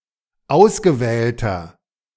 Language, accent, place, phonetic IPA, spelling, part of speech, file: German, Germany, Berlin, [ˈaʊ̯sɡəˌvɛːltɐ], ausgewählter, adjective, De-ausgewählter.ogg
- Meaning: inflection of ausgewählt: 1. strong/mixed nominative masculine singular 2. strong genitive/dative feminine singular 3. strong genitive plural